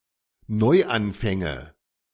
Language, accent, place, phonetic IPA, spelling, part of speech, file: German, Germany, Berlin, [ˈnɔɪ̯ʔanˌfɛŋə], Neuanfänge, noun, De-Neuanfänge.ogg
- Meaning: nominative/accusative/genitive plural of Neuanfang